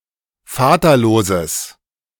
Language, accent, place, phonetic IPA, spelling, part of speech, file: German, Germany, Berlin, [ˈfaːtɐˌloːzəs], vaterloses, adjective, De-vaterloses.ogg
- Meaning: strong/mixed nominative/accusative neuter singular of vaterlos